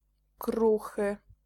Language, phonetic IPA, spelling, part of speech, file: Polish, [ˈkruxɨ], kruchy, adjective, Pl-kruchy.ogg